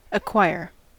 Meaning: 1. To get 2. To gain, usually by one's own exertions; to get as one's own 3. To become affected by an illness 4. To sample signals and convert them into digital values
- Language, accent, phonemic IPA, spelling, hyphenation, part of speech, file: English, US, /əˈkwaɪɚ/, acquire, ac‧quire, verb, En-us-acquire.ogg